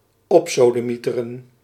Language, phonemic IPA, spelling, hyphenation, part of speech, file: Dutch, /ˈɔp.soː.dəˌmi.tə.rə(n)/, opsodemieteren, op‧so‧de‧mie‧te‧ren, verb, Nl-opsodemieteren.ogg
- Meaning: to fuck off, get lost, go to hell